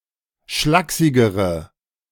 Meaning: inflection of schlaksig: 1. strong/mixed nominative/accusative feminine singular comparative degree 2. strong nominative/accusative plural comparative degree
- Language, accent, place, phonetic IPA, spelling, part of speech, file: German, Germany, Berlin, [ˈʃlaːksɪɡəʁə], schlaksigere, adjective, De-schlaksigere.ogg